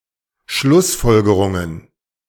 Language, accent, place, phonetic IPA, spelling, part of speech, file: German, Germany, Berlin, [ˈʃlʊsˌfɔlɡəʁʊŋən], Schlussfolgerungen, noun, De-Schlussfolgerungen.ogg
- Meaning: plural of Schlussfolgerung